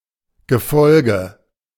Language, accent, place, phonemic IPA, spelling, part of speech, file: German, Germany, Berlin, /ɡəˈfɔlɡə/, Gefolge, noun, De-Gefolge.ogg
- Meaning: retinue, entourage